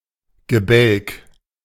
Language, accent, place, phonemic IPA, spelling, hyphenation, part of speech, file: German, Germany, Berlin, /ɡəˈbɛlk/, Gebälk, Ge‧bälk, noun, De-Gebälk.ogg
- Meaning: 1. a frame of beams, especially in a roof 2. entablature 3. woodwork (goal frame)